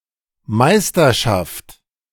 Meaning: 1. mastery 2. championship
- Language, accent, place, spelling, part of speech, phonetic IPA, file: German, Germany, Berlin, Meisterschaft, noun, [ˈmaɪ̯stɐˌʃaft], De-Meisterschaft.ogg